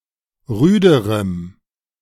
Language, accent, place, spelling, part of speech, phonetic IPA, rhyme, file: German, Germany, Berlin, rüderem, adjective, [ˈʁyːdəʁəm], -yːdəʁəm, De-rüderem.ogg
- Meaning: strong dative masculine/neuter singular comparative degree of rüde